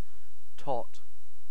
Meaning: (noun) 1. A small child 2. A small amount of liquor, (particularly) a small measure of rum 3. Ellipsis of tater tot 4. A small cup, usually made of tin 5. A foolish fellow; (verb) To sum or total
- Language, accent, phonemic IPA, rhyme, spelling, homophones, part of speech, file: English, UK, /tɒt/, -ɒt, tot, taught, noun / verb, En-uk-tot.ogg